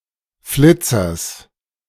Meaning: genitive singular of Flitzer
- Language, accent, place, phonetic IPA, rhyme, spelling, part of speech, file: German, Germany, Berlin, [ˈflɪt͡sɐs], -ɪt͡sɐs, Flitzers, noun, De-Flitzers.ogg